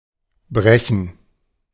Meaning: 1. to break 2. to refract 3. to vomit 4. to fold 5. to become broken; to break; to fracture
- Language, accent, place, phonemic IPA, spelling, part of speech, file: German, Germany, Berlin, /ˈbʁɛçən/, brechen, verb, De-brechen.ogg